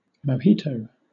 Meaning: A Cuban cocktail, generally made from rum, lime, sugar, mint, etc
- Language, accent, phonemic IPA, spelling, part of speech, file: English, Southern England, /məʊˈhiːtəʊ/, mojito, noun, LL-Q1860 (eng)-mojito.wav